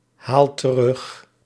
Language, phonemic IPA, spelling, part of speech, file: Dutch, /ˈhal t(ə)ˈrʏx/, haal terug, verb, Nl-haal terug.ogg
- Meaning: inflection of terughalen: 1. first-person singular present indicative 2. second-person singular present indicative 3. imperative